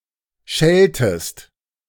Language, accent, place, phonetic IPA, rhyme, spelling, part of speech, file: German, Germany, Berlin, [ˈʃɛltəst], -ɛltəst, schelltest, verb, De-schelltest.ogg
- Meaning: inflection of schellen: 1. second-person singular preterite 2. second-person singular subjunctive II